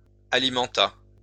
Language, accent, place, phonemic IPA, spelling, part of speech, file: French, France, Lyon, /a.li.mɑ̃.ta/, alimenta, verb, LL-Q150 (fra)-alimenta.wav
- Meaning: third-person singular past historic of alimenter